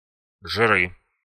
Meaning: nominative/accusative plural of жир (žir)
- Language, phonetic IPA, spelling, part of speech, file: Russian, [ʐɨˈrɨ], жиры, noun, Ru-жиры.ogg